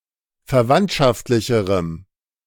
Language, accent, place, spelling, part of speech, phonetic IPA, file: German, Germany, Berlin, verwandtschaftlicherem, adjective, [fɛɐ̯ˈvantʃaftlɪçəʁəm], De-verwandtschaftlicherem.ogg
- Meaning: strong dative masculine/neuter singular comparative degree of verwandtschaftlich